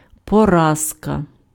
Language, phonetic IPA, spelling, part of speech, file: Ukrainian, [pɔˈrazkɐ], поразка, noun, Uk-поразка.ogg
- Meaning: defeat